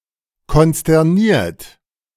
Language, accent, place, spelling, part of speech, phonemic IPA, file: German, Germany, Berlin, konsterniert, verb / adjective, /kɔnstɛʁˈniːɐ̯t/, De-konsterniert.ogg
- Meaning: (verb) past participle of konsternieren; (adjective) with consternation